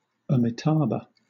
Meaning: A particular buddha; an artistic depiction of this buddha.: In Pure Land Buddhism, a branch of Mahāyāna Buddhism, the name of the principal buddha regarded as of celestial origin
- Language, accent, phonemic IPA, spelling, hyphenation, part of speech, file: English, Southern England, /əmiˈtɑːbə/, Amitābha, Ami‧tā‧bha, proper noun, LL-Q1860 (eng)-Amitābha.wav